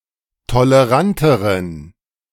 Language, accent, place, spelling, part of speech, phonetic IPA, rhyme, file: German, Germany, Berlin, toleranteren, adjective, [toləˈʁantəʁən], -antəʁən, De-toleranteren.ogg
- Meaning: inflection of tolerant: 1. strong genitive masculine/neuter singular comparative degree 2. weak/mixed genitive/dative all-gender singular comparative degree